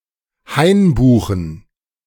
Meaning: plural of Hainbuche
- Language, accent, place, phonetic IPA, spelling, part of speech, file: German, Germany, Berlin, [ˈhaɪ̯nbuːxn̩], Hainbuchen, noun, De-Hainbuchen.ogg